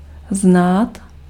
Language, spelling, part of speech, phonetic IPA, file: Czech, znát, verb, [ˈznaːt], Cs-znát.ogg
- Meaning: to know (to be acquainted or familiar with)